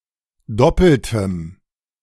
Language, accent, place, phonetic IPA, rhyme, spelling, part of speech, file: German, Germany, Berlin, [ˈdɔpl̩təm], -ɔpl̩təm, doppeltem, adjective, De-doppeltem.ogg
- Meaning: strong dative masculine/neuter singular of doppelt